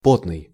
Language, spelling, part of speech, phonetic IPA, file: Russian, потный, adjective, [ˈpotnɨj], Ru-потный.ogg
- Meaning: sweaty